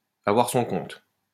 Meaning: to have had enough, to have had it
- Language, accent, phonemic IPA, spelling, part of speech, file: French, France, /a.vwaʁ sɔ̃ kɔ̃t/, avoir son compte, verb, LL-Q150 (fra)-avoir son compte.wav